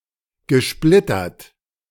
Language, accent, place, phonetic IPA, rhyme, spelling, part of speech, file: German, Germany, Berlin, [ɡəˈʃplɪtɐt], -ɪtɐt, gesplittert, verb, De-gesplittert.ogg
- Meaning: past participle of splittern